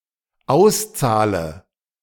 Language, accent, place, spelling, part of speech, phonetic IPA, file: German, Germany, Berlin, auszahle, verb, [ˈaʊ̯sˌt͡saːlə], De-auszahle.ogg
- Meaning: inflection of auszahlen: 1. first-person singular dependent present 2. first/third-person singular dependent subjunctive I